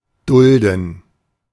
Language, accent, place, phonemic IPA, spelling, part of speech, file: German, Germany, Berlin, /ˈdʊldən/, dulden, verb, De-dulden.ogg
- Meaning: 1. to endure 2. to condone; to tolerate